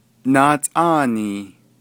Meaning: 1. leader 2. boss, supervisor 3. superintendent 4. president 5. governor
- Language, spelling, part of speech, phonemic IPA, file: Navajo, naatʼáanii, noun, /nɑ̀ːtʼɑ̂ːnìː/, Nv-naatʼáanii.ogg